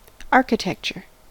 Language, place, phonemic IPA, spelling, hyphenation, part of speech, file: English, California, /ˈɑɹ.kɪˌtɛk.t͡ʃɚ/, architecture, ar‧chi‧tec‧ture, noun, En-us-architecture.ogg
- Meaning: 1. The art and science of designing and managing the construction of buildings and other structures, particularly if they are well proportioned and decorated 2. Any particular style of building design